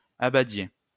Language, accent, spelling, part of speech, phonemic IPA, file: French, France, abadiez, verb, /a.ba.dje/, LL-Q150 (fra)-abadiez.wav
- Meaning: inflection of abader: 1. second-person plural imperfect indicative 2. second-person plural present subjunctive